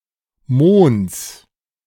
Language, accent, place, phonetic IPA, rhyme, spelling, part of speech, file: German, Germany, Berlin, [moːns], -oːns, Mohns, noun, De-Mohns.ogg
- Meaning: genitive singular of Mohn